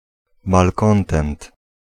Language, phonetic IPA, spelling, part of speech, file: Polish, [malˈkɔ̃ntɛ̃nt], malkontent, noun, Pl-malkontent.ogg